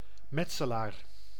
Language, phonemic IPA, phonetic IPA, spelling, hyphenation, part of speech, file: Dutch, /ˈmɛt.səˌlaːr/, [ˈmɛtsəlaːr], metselaar, met‧se‧laar, noun, Nl-metselaar.ogg
- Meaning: bricklayer, mason